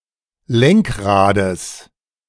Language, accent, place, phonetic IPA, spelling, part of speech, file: German, Germany, Berlin, [ˈlɛŋkˌʁaːdəs], Lenkrades, noun, De-Lenkrades.ogg
- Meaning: genitive singular of Lenkrad